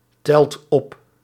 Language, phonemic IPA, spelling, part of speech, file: Dutch, /ˈtɛlt ˈɔp/, telt op, verb, Nl-telt op.ogg
- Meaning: inflection of optellen: 1. second/third-person singular present indicative 2. plural imperative